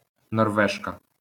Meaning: female equivalent of норве́жець (norvéžecʹ): Norwegian (female person from Norway)
- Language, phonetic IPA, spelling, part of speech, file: Ukrainian, [nɔrˈʋɛʒkɐ], норвежка, noun, LL-Q8798 (ukr)-норвежка.wav